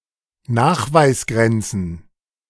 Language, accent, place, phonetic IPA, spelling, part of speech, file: German, Germany, Berlin, [ˈnaːxvaɪ̯sˌɡʁɛnt͡sn̩], Nachweisgrenzen, noun, De-Nachweisgrenzen.ogg
- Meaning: plural of Nachweisgrenze